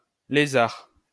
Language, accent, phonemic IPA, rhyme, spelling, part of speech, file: French, France, /le.zaʁ/, -aʁ, Lézard, proper noun, LL-Q150 (fra)-Lézard.wav
- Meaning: Lacerta (constellation)